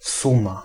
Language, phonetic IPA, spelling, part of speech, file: Polish, [ˈsũma], suma, noun, Pl-suma.ogg